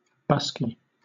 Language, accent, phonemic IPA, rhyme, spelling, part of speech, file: English, Southern England, /ˈbʌski/, -ʌski, busky, adjective, LL-Q1860 (eng)-busky.wav
- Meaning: Alternative form of bosky